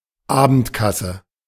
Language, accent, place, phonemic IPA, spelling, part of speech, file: German, Germany, Berlin, /ˈaːbəntˌkasə/, Abendkasse, noun, De-Abendkasse.ogg
- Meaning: ticket office (“office where tickets may be purchased immediately before the performance”)